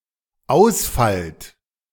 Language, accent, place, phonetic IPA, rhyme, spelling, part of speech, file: German, Germany, Berlin, [ˈaʊ̯sˌfalt], -aʊ̯sfalt, ausfallt, verb, De-ausfallt.ogg
- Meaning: second-person plural dependent present of ausfallen